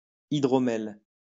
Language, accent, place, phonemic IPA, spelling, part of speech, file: French, France, Lyon, /i.dʁɔ.mɛl/, hydromel, noun, LL-Q150 (fra)-hydromel.wav
- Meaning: mead